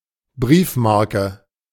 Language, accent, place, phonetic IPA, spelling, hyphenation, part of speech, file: German, Germany, Berlin, [ˈbʀiːfˌmaʁkə], Briefmarke, Brief‧mar‧ke, noun, De-Briefmarke.ogg
- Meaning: postage stamp